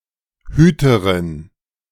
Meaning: keeper (female)
- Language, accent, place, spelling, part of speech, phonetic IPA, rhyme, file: German, Germany, Berlin, Hüterin, noun, [ˈhyːtəʁɪn], -yːtəʁɪn, De-Hüterin.ogg